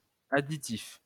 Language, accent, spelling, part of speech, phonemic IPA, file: French, France, additif, noun / adjective, /a.di.tif/, LL-Q150 (fra)-additif.wav
- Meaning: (noun) 1. additive (substance altering another substance) 2. addendum; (adjective) additive